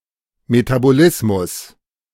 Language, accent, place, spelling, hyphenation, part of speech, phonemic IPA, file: German, Germany, Berlin, Metabolismus, Me‧ta‧bo‧lis‧mus, noun, /ˌmetaˑboˈlɪsmʊs/, De-Metabolismus.ogg
- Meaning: metabolism